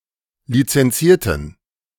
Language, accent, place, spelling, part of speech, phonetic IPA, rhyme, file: German, Germany, Berlin, lizenzierten, adjective, [lit͡sɛnˈt͡siːɐ̯tn̩], -iːɐ̯tn̩, De-lizenzierten.ogg
- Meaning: inflection of lizenzieren: 1. first/third-person plural preterite 2. first/third-person plural subjunctive II